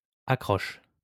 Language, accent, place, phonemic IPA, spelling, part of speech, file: French, France, Lyon, /a.kʁɔʃ/, accroche, noun / verb, LL-Q150 (fra)-accroche.wav
- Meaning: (noun) 1. lead-in (attention-grabbing beginning to an article, advertisement etc.) 2. teaser; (verb) inflection of accrocher: first/third-person singular present indicative/subjunctive